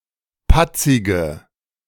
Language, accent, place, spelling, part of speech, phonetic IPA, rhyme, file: German, Germany, Berlin, patzige, adjective, [ˈpat͡sɪɡə], -at͡sɪɡə, De-patzige.ogg
- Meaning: inflection of patzig: 1. strong/mixed nominative/accusative feminine singular 2. strong nominative/accusative plural 3. weak nominative all-gender singular 4. weak accusative feminine/neuter singular